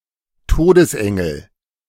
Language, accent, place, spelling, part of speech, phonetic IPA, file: German, Germany, Berlin, Todesengel, noun, [ˈtoːdəsˌʔɛŋl̩], De-Todesengel.ogg
- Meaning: angel of death (a personification of death)